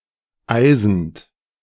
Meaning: present participle of eisen
- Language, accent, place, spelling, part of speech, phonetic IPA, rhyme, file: German, Germany, Berlin, eisend, verb, [ˈaɪ̯zn̩t], -aɪ̯zn̩t, De-eisend.ogg